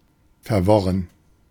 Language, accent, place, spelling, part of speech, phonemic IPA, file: German, Germany, Berlin, verworren, adjective, /fɛɐ̯ˈvɔʁən/, De-verworren.ogg
- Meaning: confused, confusing